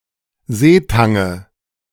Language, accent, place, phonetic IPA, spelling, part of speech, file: German, Germany, Berlin, [ˈzeːˌtaŋə], Seetange, noun, De-Seetange.ogg
- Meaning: nominative/accusative/genitive plural of Seetang